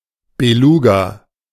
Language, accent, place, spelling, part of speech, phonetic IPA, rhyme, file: German, Germany, Berlin, Beluga, noun, [beˈluːɡa], -uːɡa, De-Beluga.ogg
- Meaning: beluga whale, white whale